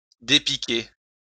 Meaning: to make feel better
- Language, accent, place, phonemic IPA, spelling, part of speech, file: French, France, Lyon, /de.pi.ke/, dépiquer, verb, LL-Q150 (fra)-dépiquer.wav